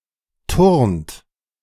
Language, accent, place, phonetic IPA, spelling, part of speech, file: German, Germany, Berlin, [tʊʁnt], turnt, verb, De-turnt.ogg
- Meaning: inflection of turnen: 1. third-person singular present 2. second-person plural present 3. plural imperative